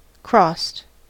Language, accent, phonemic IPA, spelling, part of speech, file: English, US, /kɹɔst/, crossed, verb / adjective, En-us-crossed.ogg
- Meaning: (verb) simple past and past participle of cross; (adjective) 1. Marked by a line drawn crosswise, often denoting cancellation 2. Folded 3. Cruciate